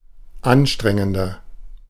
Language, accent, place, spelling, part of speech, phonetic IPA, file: German, Germany, Berlin, anstrengender, adjective, [ˈanˌʃtʁɛŋəndɐ], De-anstrengender.ogg
- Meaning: 1. comparative degree of anstrengend 2. inflection of anstrengend: strong/mixed nominative masculine singular 3. inflection of anstrengend: strong genitive/dative feminine singular